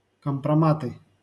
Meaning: nominative/accusative plural of компрома́т (kompromát)
- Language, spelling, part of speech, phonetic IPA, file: Russian, компроматы, noun, [kəmprɐˈmatɨ], LL-Q7737 (rus)-компроматы.wav